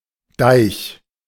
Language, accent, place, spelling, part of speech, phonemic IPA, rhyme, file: German, Germany, Berlin, Deich, noun, /daɪ̯ç/, -aɪ̯ç, De-Deich.ogg
- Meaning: dyke, dike; permanent dam